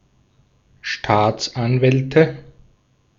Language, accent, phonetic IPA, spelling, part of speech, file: German, Austria, [ˈʃtaːt͡sʔanˌvɛltə], Staatsanwälte, noun, De-at-Staatsanwälte.ogg
- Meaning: nominative/accusative/genitive plural of Staatsanwalt